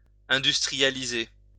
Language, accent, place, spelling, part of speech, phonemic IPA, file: French, France, Lyon, industrialiser, verb, /ɛ̃.dys.tʁi.ja.li.ze/, LL-Q150 (fra)-industrialiser.wav
- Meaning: to industrialize